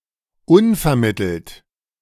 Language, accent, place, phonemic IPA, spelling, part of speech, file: German, Germany, Berlin, /ˈʊnfɛɐ̯ˌmɪtl̩t/, unvermittelt, adjective, De-unvermittelt.ogg
- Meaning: unexpected, unforeseen, surprising